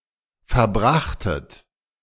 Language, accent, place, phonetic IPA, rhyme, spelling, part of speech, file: German, Germany, Berlin, [fɛɐ̯ˈbʁaxtət], -axtət, verbrachtet, verb, De-verbrachtet.ogg
- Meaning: second-person plural preterite of verbringen